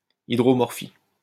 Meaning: waterlogging
- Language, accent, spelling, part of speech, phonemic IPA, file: French, France, hydromorphie, noun, /i.dʁɔ.mɔʁ.fi/, LL-Q150 (fra)-hydromorphie.wav